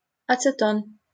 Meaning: 1. acetone (the organic compound (CH₃)₂CO) 2. nail polish remover
- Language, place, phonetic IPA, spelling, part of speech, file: Russian, Saint Petersburg, [ɐt͡sɨˈton], ацетон, noun, LL-Q7737 (rus)-ацетон.wav